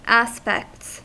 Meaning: plural of aspect
- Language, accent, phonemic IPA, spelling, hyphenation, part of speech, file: English, US, /ˈæspɛkts/, aspects, as‧pects, noun, En-us-aspects.ogg